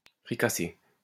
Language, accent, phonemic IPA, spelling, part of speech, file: French, France, /fʁi.ka.se/, fricassée, noun / verb, LL-Q150 (fra)-fricassée.wav
- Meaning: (noun) fricassee; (verb) feminine singular of fricassé